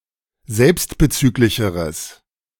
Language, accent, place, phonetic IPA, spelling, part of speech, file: German, Germany, Berlin, [ˈzɛlpstbəˌt͡syːklɪçəʁəs], selbstbezüglicheres, adjective, De-selbstbezüglicheres.ogg
- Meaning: strong/mixed nominative/accusative neuter singular comparative degree of selbstbezüglich